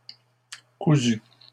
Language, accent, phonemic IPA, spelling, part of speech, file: French, Canada, /ku.zy/, cousu, verb / adjective, LL-Q150 (fra)-cousu.wav
- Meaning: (verb) past participle of coudre; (adjective) sewn, stitched